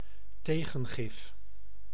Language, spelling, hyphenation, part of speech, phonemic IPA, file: Dutch, tegengif, te‧gen‧gif, noun, /ˈteː.ɣə(n)ˌɣɪf/, Nl-tegengif.ogg
- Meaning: antidote